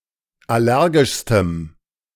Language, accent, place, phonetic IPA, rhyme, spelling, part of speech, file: German, Germany, Berlin, [ˌaˈlɛʁɡɪʃstəm], -ɛʁɡɪʃstəm, allergischstem, adjective, De-allergischstem.ogg
- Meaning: strong dative masculine/neuter singular superlative degree of allergisch